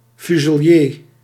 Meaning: 1. fusilier 2. infantry soldier armed with a later type of rifle
- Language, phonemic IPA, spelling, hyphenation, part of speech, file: Dutch, /ˌfy.zəˈliːr/, fuselier, fu‧se‧lier, noun, Nl-fuselier.ogg